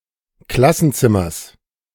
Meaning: genitive of Klassenzimmer
- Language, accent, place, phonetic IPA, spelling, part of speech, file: German, Germany, Berlin, [ˈklasn̩ˌt͡sɪmɐs], Klassenzimmers, noun, De-Klassenzimmers.ogg